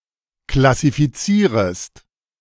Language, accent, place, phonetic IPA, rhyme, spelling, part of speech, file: German, Germany, Berlin, [klasifiˈt͡siːʁəst], -iːʁəst, klassifizierest, verb, De-klassifizierest.ogg
- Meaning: second-person singular subjunctive I of klassifizieren